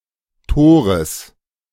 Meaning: genitive singular of Tor
- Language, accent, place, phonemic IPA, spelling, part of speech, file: German, Germany, Berlin, /ˈtoːʁəs/, Tores, noun, De-Tores.ogg